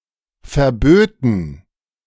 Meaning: first/third-person plural subjunctive II of verbieten
- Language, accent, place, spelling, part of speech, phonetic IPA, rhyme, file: German, Germany, Berlin, verböten, verb, [fɛɐ̯ˈbøːtn̩], -øːtn̩, De-verböten.ogg